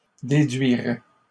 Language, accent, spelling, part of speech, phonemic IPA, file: French, Canada, déduiraient, verb, /de.dɥi.ʁɛ/, LL-Q150 (fra)-déduiraient.wav
- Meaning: third-person plural conditional of déduire